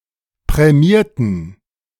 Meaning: inflection of prämiert: 1. strong genitive masculine/neuter singular 2. weak/mixed genitive/dative all-gender singular 3. strong/weak/mixed accusative masculine singular 4. strong dative plural
- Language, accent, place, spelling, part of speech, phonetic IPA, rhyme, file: German, Germany, Berlin, prämierten, adjective / verb, [pʁɛˈmiːɐ̯tn̩], -iːɐ̯tn̩, De-prämierten.ogg